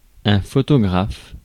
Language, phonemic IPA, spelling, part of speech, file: French, /fɔ.tɔ.ɡʁaf/, photographe, noun, Fr-photographe.ogg
- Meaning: photographer